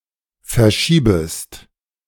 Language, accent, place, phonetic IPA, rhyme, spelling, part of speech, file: German, Germany, Berlin, [fɛɐ̯ˈʃiːbəst], -iːbəst, verschiebest, verb, De-verschiebest.ogg
- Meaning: second-person singular subjunctive I of verschieben